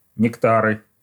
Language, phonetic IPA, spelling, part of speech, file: Russian, [nʲɪkˈtarɨ], нектары, noun, Ru-нектары.ogg
- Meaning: nominative/accusative plural of некта́р (nektár)